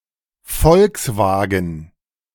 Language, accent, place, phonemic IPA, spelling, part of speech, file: German, Germany, Berlin, /ˈfɔlksˌvaːɡən/, Volkswagen, proper noun / noun, De-Volkswagen.ogg
- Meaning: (proper noun) Volkswagen (car manufacturer); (noun) A car made by the German car manufacturer